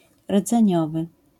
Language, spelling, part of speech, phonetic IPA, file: Polish, rdzeniowy, adjective, [rd͡zɛ̃ˈɲɔvɨ], LL-Q809 (pol)-rdzeniowy.wav